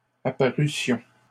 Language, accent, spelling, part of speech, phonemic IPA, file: French, Canada, apparussions, verb, /a.pa.ʁy.sjɔ̃/, LL-Q150 (fra)-apparussions.wav
- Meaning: first-person plural imperfect subjunctive of apparaître